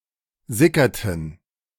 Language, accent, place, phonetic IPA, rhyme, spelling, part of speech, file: German, Germany, Berlin, [ˈzɪkɐtn̩], -ɪkɐtn̩, sickerten, verb, De-sickerten.ogg
- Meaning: inflection of sickern: 1. first/third-person plural preterite 2. first/third-person plural subjunctive II